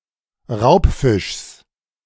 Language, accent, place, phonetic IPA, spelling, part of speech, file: German, Germany, Berlin, [ˈʁaʊ̯pˌfɪʃs], Raubfischs, noun, De-Raubfischs.ogg
- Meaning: genitive singular of Raubfisch